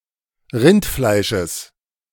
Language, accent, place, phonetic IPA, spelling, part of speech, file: German, Germany, Berlin, [ˈʁɪntˌflaɪ̯ʃəs], Rindfleisches, noun, De-Rindfleisches.ogg
- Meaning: genitive of Rindfleisch